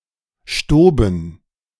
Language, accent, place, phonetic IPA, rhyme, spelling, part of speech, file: German, Germany, Berlin, [ʃtoːbn̩], -oːbn̩, stoben, verb, De-stoben.ogg
- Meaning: first/third-person plural preterite of stieben